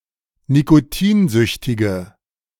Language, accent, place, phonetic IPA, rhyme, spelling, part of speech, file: German, Germany, Berlin, [nikoˈtiːnˌzʏçtɪɡə], -iːnzʏçtɪɡə, nikotinsüchtige, adjective, De-nikotinsüchtige.ogg
- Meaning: inflection of nikotinsüchtig: 1. strong/mixed nominative/accusative feminine singular 2. strong nominative/accusative plural 3. weak nominative all-gender singular